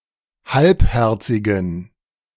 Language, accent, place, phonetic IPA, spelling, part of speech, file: German, Germany, Berlin, [ˈhalpˌhɛʁt͡sɪɡn̩], halbherzigen, adjective, De-halbherzigen.ogg
- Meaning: inflection of halbherzig: 1. strong genitive masculine/neuter singular 2. weak/mixed genitive/dative all-gender singular 3. strong/weak/mixed accusative masculine singular 4. strong dative plural